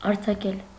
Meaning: 1. to release, to set free, to liberate 2. to open, to open up, to unbutton 3. to send on vacation, to recess 4. to break (a bond) 5. to shoot, to fire 6. to scatter, to spread, to emit
- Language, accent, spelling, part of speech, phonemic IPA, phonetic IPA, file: Armenian, Eastern Armenian, արձակել, verb, /ɑɾt͡sʰɑˈkel/, [ɑɾt͡sʰɑkél], Hy-արձակել.ogg